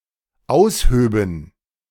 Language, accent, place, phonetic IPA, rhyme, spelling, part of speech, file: German, Germany, Berlin, [ˈaʊ̯sˌhøːbn̩], -aʊ̯shøːbn̩, aushöben, verb, De-aushöben.ogg
- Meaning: first/third-person plural dependent subjunctive II of ausheben